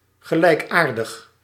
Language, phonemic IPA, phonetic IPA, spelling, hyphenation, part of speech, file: Dutch, /ɣəlɛɪkˈaːrdəx/, [ʝəlɛːkˈaːrdəx], gelijkaardig, ge‧lijk‧aar‧dig, adjective, Nl-gelijkaardig.ogg
- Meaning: kindred, akin